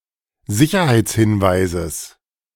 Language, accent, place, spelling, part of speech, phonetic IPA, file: German, Germany, Berlin, Sicherheitshinweises, noun, [ˈzɪçɐhaɪ̯t͡sˌhɪnvaɪ̯zəs], De-Sicherheitshinweises.ogg
- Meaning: genitive singular of Sicherheitshinweis